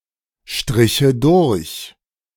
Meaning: first/third-person singular subjunctive II of durchstreichen
- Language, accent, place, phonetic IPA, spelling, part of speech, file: German, Germany, Berlin, [ˌʃtʁɪçə ˈdʊʁç], striche durch, verb, De-striche durch.ogg